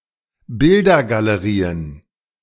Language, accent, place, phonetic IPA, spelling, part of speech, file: German, Germany, Berlin, [ˈbɪldɐɡaləˌʁiːən], Bildergalerien, noun, De-Bildergalerien.ogg
- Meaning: plural of Bildergalerie